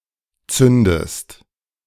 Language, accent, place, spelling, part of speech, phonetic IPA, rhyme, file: German, Germany, Berlin, zündest, verb, [ˈt͡sʏndəst], -ʏndəst, De-zündest.ogg
- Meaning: inflection of zünden: 1. second-person singular present 2. second-person singular subjunctive I